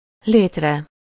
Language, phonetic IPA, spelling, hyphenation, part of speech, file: Hungarian, [ˈleːtrɛ], létre, lét‧re, noun, Hu-létre.ogg
- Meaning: sublative singular of lét